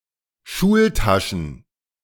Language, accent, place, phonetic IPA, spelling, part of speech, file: German, Germany, Berlin, [ˈʃuːlˌtaʃn̩], Schultaschen, noun, De-Schultaschen.ogg
- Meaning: plural of Schultasche